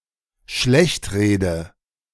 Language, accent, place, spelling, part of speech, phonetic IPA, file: German, Germany, Berlin, schlechtrede, verb, [ˈʃlɛçtˌʁeːdə], De-schlechtrede.ogg
- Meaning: inflection of schlechtreden: 1. first-person singular dependent present 2. first/third-person singular dependent subjunctive I